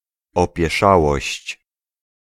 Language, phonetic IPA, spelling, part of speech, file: Polish, [ˌɔpʲjɛˈʃawɔɕt͡ɕ], opieszałość, noun, Pl-opieszałość.ogg